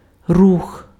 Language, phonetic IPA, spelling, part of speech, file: Ukrainian, [rux], рух, noun, Uk-рух.ogg
- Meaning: 1. movement 2. motion 3. move 4. traffic